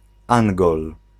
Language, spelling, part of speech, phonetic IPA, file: Polish, Angol, noun, [ˈãŋɡɔl], Pl-Angol.ogg